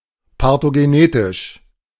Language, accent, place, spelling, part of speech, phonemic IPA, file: German, Germany, Berlin, parthenogenetisch, adjective, /paʁtenoɡeˈneːtɪʃ/, De-parthenogenetisch.ogg
- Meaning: parthenogenetic